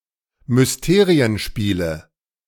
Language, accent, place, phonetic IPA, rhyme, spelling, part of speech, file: German, Germany, Berlin, [mʏsˈteːʁiənˌʃpiːlə], -eːʁiənʃpiːlə, Mysterienspiele, noun, De-Mysterienspiele.ogg
- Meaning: 1. nominative/accusative/genitive plural of Mysterienspiel 2. dative of Mysterienspiel